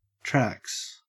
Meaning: plural of track
- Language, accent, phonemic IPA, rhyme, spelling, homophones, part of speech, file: English, Australia, /tɹæks/, -æks, trax, tracks, noun, En-au-trax.ogg